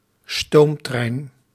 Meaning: steam train
- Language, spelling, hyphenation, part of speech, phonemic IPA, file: Dutch, stoomtrein, stoom‧trein, noun, /ˈstoːm.trɛi̯n/, Nl-stoomtrein.ogg